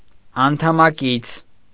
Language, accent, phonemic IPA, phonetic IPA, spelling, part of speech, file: Armenian, Eastern Armenian, /ɑntʰɑmɑˈkit͡sʰ/, [ɑntʰɑmɑkít͡sʰ], անդամակից, noun, Hy-անդամակից.ogg
- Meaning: fellow member, colleague